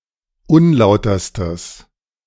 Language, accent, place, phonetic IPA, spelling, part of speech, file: German, Germany, Berlin, [ˈʊnˌlaʊ̯tɐstəs], unlauterstes, adjective, De-unlauterstes.ogg
- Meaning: strong/mixed nominative/accusative neuter singular superlative degree of unlauter